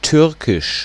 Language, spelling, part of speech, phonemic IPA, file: German, Türkisch, proper noun, /ˈtʏʁkɪʃ/, De-Türkisch.ogg
- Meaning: 1. Turkish (language of Turkey) 2. Turkic (language family or any of its members)